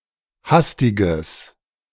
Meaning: strong/mixed nominative/accusative neuter singular of hastig
- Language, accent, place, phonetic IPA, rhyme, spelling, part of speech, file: German, Germany, Berlin, [ˈhastɪɡəs], -astɪɡəs, hastiges, adjective, De-hastiges.ogg